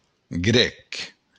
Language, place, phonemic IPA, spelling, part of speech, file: Occitan, Béarn, /ˈɣɾɛk/, grèc, adjective / noun, LL-Q14185 (oci)-grèc.wav
- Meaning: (adjective) Greek; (noun) 1. Greek; Greek person 2. the Greek language